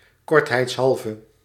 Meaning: for brevity's sake
- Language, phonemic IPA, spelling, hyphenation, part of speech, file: Dutch, /ˌkɔrt.ɦɛi̯ts.ˈɦɑl.və/, kortheidshalve, kort‧heids‧hal‧ve, adverb, Nl-kortheidshalve.ogg